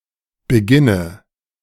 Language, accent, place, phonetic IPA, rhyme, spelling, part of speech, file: German, Germany, Berlin, [bəˈɡɪnə], -ɪnə, Beginne, noun, De-Beginne.ogg
- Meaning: nominative/accusative/genitive plural of Beginn